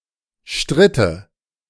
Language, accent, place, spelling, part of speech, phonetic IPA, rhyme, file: German, Germany, Berlin, stritte, verb, [ˈʃtʁɪtə], -ɪtə, De-stritte.ogg
- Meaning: first/third-person singular subjunctive II of streiten